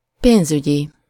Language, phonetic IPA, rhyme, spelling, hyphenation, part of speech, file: Hungarian, [ˈpeːnzyɟi], -ɟi, pénzügyi, pénz‧ügyi, adjective, Hu-pénzügyi.ogg
- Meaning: financial (related to finances)